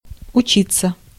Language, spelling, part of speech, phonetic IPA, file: Russian, учиться, verb, [ʊˈt͡ɕit͡sːə], Ru-учиться.ogg
- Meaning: 1. to learn (to receive knowledge or skills or to gain useful experience) 2. to learn 3. reflexive of учи́ть (učítʹ); to study (to receive education)